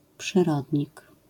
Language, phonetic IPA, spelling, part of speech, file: Polish, [pʃɨˈrɔdʲɲik], przyrodnik, noun, LL-Q809 (pol)-przyrodnik.wav